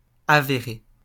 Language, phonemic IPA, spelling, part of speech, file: French, /a.ve.ʁe/, avéré, verb / adjective, LL-Q150 (fra)-avéré.wav
- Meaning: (verb) past participle of avérer; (adjective) recognized, known